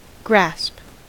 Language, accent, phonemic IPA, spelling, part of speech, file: English, US, /ɡɹæsp/, grasp, verb / noun, En-us-grasp.ogg
- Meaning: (verb) 1. To grip; to take hold, particularly with the hand 2. To understand 3. To take advantage of something, to seize, to jump at a chance; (noun) 1. Grip 2. Understanding